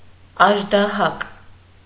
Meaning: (noun) alternative form of աժդահա (aždaha)
- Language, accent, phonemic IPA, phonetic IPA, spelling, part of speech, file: Armenian, Eastern Armenian, /ɑʒdɑˈhɑk/, [ɑʒdɑhɑ́k], աժդահակ, noun / adjective, Hy-աժդահակ.ogg